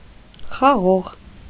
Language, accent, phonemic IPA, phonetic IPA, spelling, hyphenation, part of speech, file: Armenian, Eastern Armenian, /χɑˈʁoʁ/, [χɑʁóʁ], խաղող, խա‧ղող, noun, Hy-խաղող.ogg
- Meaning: 1. grapevine, vine (plant) 2. grape (fruit)